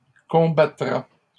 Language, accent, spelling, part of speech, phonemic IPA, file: French, Canada, combattra, verb, /kɔ̃.ba.tʁa/, LL-Q150 (fra)-combattra.wav
- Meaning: third-person singular future of combattre